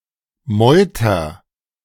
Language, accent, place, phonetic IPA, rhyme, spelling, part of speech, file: German, Germany, Berlin, [ˈmɔɪ̯tɐ], -ɔɪ̯tɐ, meuter, verb, De-meuter.ogg
- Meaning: inflection of meutern: 1. first-person singular present 2. singular imperative